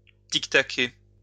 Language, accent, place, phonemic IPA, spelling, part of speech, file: French, France, Lyon, /tik.ta.ke/, tictaquer, verb, LL-Q150 (fra)-tictaquer.wav
- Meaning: to tick (away)